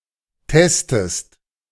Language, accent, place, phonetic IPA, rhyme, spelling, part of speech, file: German, Germany, Berlin, [ˈtɛstəst], -ɛstəst, testest, verb, De-testest.ogg
- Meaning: inflection of testen: 1. second-person singular present 2. second-person singular subjunctive I